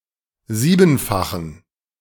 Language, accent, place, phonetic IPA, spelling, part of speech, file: German, Germany, Berlin, [ˈziːbn̩faxn̩], siebenfachen, adjective, De-siebenfachen.ogg
- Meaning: inflection of siebenfach: 1. strong genitive masculine/neuter singular 2. weak/mixed genitive/dative all-gender singular 3. strong/weak/mixed accusative masculine singular 4. strong dative plural